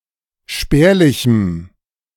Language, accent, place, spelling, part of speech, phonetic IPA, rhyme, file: German, Germany, Berlin, spärlichem, adjective, [ˈʃpɛːɐ̯lɪçm̩], -ɛːɐ̯lɪçm̩, De-spärlichem.ogg
- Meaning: strong dative masculine/neuter singular of spärlich